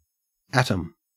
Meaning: The smallest possible amount of matter which still retains its identity as a chemical element, now known to consist of a nucleus surrounded by electrons
- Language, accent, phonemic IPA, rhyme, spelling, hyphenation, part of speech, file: English, Australia, /ˈætəm/, -ætəm, atom, at‧om, noun, En-au-atom.ogg